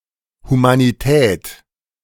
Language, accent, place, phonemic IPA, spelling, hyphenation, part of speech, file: German, Germany, Berlin, /humaniˈtɛːt/, Humanität, Hu‧ma‧ni‧tät, noun, De-Humanität.ogg
- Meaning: humanity (the quality of being humane)